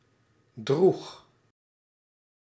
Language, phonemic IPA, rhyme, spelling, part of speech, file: Dutch, /drux/, -ux, droeg, verb, Nl-droeg.ogg
- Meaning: singular past indicative of dragen